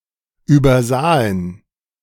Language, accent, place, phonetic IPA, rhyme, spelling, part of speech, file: German, Germany, Berlin, [ˌyːbɐˈzaːən], -aːən, übersahen, verb, De-übersahen.ogg
- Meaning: first/third-person plural preterite of übersehen